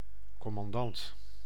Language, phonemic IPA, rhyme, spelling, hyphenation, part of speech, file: Dutch, /ˌkɔ.mɑnˈdɑnt/, -ɑnt, commandant, com‧man‧dant, noun, Nl-commandant.ogg
- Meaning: commander